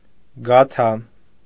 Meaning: gata
- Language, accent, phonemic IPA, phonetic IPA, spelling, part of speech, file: Armenian, Eastern Armenian, /ɡɑˈtʰɑ/, [ɡɑtʰɑ́], գաթա, noun, Hy-գաթա.ogg